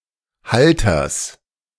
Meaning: genitive singular of Halter
- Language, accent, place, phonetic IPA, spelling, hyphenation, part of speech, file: German, Germany, Berlin, [ˈhaltɐs], Halters, Hal‧ters, noun, De-Halters.ogg